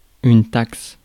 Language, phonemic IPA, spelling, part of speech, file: French, /taks/, taxe, noun / verb, Fr-taxe.ogg
- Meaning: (noun) tax; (verb) inflection of taxer: 1. first/third-person singular present indicative/subjunctive 2. second-person singular imperative